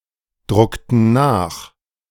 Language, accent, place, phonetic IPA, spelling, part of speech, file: German, Germany, Berlin, [ˌdʁʊktn̩ ˈnaːx], druckten nach, verb, De-druckten nach.ogg
- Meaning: inflection of nachdrucken: 1. first/third-person plural preterite 2. first/third-person plural subjunctive II